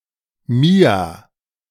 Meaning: a female given name
- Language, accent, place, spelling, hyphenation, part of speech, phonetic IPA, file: German, Germany, Berlin, Mia, Mi‧a, proper noun, [ˈmiːa], De-Mia.ogg